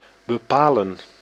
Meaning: 1. to determine, to figure out 2. to determine, to decide, to choose 3. to limit oneself, to restrain oneself, to contain oneself
- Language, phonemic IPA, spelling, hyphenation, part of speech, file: Dutch, /bəˈpaːlə(n)/, bepalen, be‧pa‧len, verb, Nl-bepalen.ogg